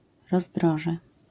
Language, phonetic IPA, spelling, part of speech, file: Polish, [rɔzˈdrɔʒɛ], rozdroże, noun, LL-Q809 (pol)-rozdroże.wav